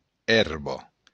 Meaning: grass
- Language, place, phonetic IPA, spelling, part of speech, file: Occitan, Béarn, [ˈɛrβo], èrba, noun, LL-Q14185 (oci)-èrba.wav